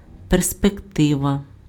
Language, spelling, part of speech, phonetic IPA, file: Ukrainian, перспектива, noun, [perspekˈtɪʋɐ], Uk-перспектива.ogg
- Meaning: 1. perspective (the appearance of depth in objects) 2. vista, prospect, view 3. prospects, outlook, look-out, aspects (expected future)